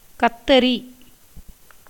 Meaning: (noun) 1. scissors, shears 2. a species of snake; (verb) to trim, cut, shear, prune; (noun) brinjal, egg-plant, aubergine - the plant Solanum melongena
- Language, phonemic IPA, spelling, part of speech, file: Tamil, /kɐt̪ːɐɾiː/, கத்தரி, noun / verb, Ta-கத்தரி.ogg